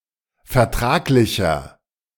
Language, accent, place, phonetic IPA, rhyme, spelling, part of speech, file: German, Germany, Berlin, [fɛɐ̯ˈtʁaːklɪçɐ], -aːklɪçɐ, vertraglicher, adjective, De-vertraglicher.ogg
- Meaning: inflection of vertraglich: 1. strong/mixed nominative masculine singular 2. strong genitive/dative feminine singular 3. strong genitive plural